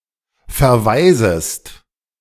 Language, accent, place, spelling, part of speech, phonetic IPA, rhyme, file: German, Germany, Berlin, verweisest, verb, [fɛɐ̯ˈvaɪ̯zəst], -aɪ̯zəst, De-verweisest.ogg
- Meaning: second-person singular subjunctive I of verweisen